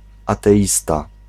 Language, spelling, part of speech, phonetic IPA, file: Polish, ateista, noun, [ˌatɛˈʲista], Pl-ateista.ogg